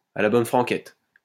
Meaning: in a homely manner, without ceremony, informally
- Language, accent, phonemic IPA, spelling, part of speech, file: French, France, /a la bɔn fʁɑ̃.kɛt/, à la bonne franquette, adverb, LL-Q150 (fra)-à la bonne franquette.wav